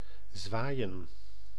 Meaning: 1. to sway, to wave 2. to brandish
- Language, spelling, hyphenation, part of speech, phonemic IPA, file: Dutch, zwaaien, zwaai‧en, verb, /ˈzʋaːi̯.ə(n)/, Nl-zwaaien.ogg